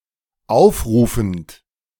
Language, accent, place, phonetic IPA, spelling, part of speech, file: German, Germany, Berlin, [ˈaʊ̯fˌʁuːfn̩t], aufrufend, verb, De-aufrufend.ogg
- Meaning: present participle of aufrufen